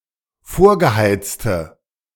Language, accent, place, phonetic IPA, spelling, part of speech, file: German, Germany, Berlin, [ˈfoːɐ̯ɡəˌhaɪ̯t͡stə], vorgeheizte, adjective, De-vorgeheizte.ogg
- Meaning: inflection of vorgeheizt: 1. strong/mixed nominative/accusative feminine singular 2. strong nominative/accusative plural 3. weak nominative all-gender singular